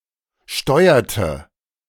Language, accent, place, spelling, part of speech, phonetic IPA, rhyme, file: German, Germany, Berlin, steuerte, verb, [ˈʃtɔɪ̯ɐtə], -ɔɪ̯ɐtə, De-steuerte.ogg
- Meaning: inflection of steuern: 1. first/third-person singular preterite 2. first/third-person singular subjunctive II